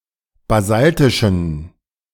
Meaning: inflection of basaltisch: 1. strong genitive masculine/neuter singular 2. weak/mixed genitive/dative all-gender singular 3. strong/weak/mixed accusative masculine singular 4. strong dative plural
- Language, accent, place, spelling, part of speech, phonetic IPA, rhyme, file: German, Germany, Berlin, basaltischen, adjective, [baˈzaltɪʃn̩], -altɪʃn̩, De-basaltischen.ogg